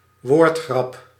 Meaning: pun, play on words
- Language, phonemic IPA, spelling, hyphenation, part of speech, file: Dutch, /ˈʋoːrt.xrɑp/, woordgrap, woord‧grap, noun, Nl-woordgrap.ogg